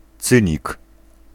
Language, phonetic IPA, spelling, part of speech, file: Polish, [ˈt͡sɨ̃ɲik], cynik, noun, Pl-cynik.ogg